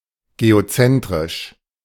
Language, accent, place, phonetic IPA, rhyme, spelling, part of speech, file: German, Germany, Berlin, [ɡeoˈt͡sɛntʁɪʃ], -ɛntʁɪʃ, geozentrisch, adjective, De-geozentrisch.ogg
- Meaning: geocentric